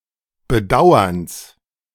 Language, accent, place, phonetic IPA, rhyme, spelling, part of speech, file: German, Germany, Berlin, [bəˈdaʊ̯ɐns], -aʊ̯ɐns, Bedauerns, noun, De-Bedauerns.ogg
- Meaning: genitive of Bedauern